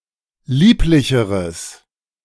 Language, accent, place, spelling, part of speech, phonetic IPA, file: German, Germany, Berlin, lieblicheres, adjective, [ˈliːplɪçəʁəs], De-lieblicheres.ogg
- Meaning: strong/mixed nominative/accusative neuter singular comparative degree of lieblich